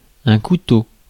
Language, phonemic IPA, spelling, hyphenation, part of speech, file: French, /ku.to/, couteau, cou‧teau, noun, Fr-couteau.ogg
- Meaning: 1. knife 2. razor clam; any bivalve in the genus Solen